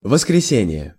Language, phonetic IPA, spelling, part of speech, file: Russian, [vəskrʲɪˈsʲenʲɪje], воскресение, noun, Ru-воскресение.ogg
- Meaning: resurrection, anastasis